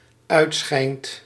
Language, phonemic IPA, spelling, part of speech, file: Dutch, /ˈœytsxɛint/, uitschijnt, verb, Nl-uitschijnt.ogg
- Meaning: second/third-person singular dependent-clause present indicative of uitschijnen